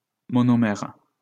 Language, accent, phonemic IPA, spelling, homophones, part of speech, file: French, France, /mɔ.nɔ.mɛʁ/, monomère, monomères, noun, LL-Q150 (fra)-monomère.wav
- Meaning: monomer